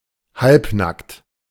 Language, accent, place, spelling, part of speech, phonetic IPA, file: German, Germany, Berlin, halbnackt, adjective, [ˈhalpˌnakt], De-halbnackt.ogg
- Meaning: half-naked, seminude